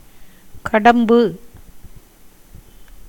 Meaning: 1. kadam, common bur-flower tree (Neolamarckia cadamba, syn. Nauclea cadamba) 2. common putat (Barringtonia racemosa, syn. Eugenia racemosa L.)
- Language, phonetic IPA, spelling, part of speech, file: Tamil, [kaɖəmbʉ], கடம்பு, noun, Ta-கடம்பு.ogg